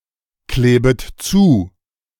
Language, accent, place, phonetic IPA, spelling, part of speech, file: German, Germany, Berlin, [ˌkleːbət ˈt͡suː], klebet zu, verb, De-klebet zu.ogg
- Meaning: second-person plural subjunctive I of zukleben